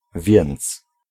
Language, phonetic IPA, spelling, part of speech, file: Polish, [vʲjɛ̃nt͡s], więc, conjunction / particle, Pl-więc.ogg